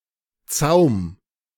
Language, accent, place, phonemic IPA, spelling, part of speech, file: German, Germany, Berlin, /ˈtsaʊ̯m/, Zaum, noun, De-Zaum.ogg
- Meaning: bridle (headgear to steer a horse)